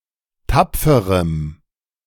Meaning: strong dative masculine/neuter singular of tapfer
- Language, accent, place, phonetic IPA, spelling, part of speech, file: German, Germany, Berlin, [ˈtap͡fəʁəm], tapferem, adjective, De-tapferem.ogg